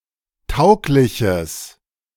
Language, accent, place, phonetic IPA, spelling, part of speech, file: German, Germany, Berlin, [ˈtaʊ̯klɪçəs], taugliches, adjective, De-taugliches.ogg
- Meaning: strong/mixed nominative/accusative neuter singular of tauglich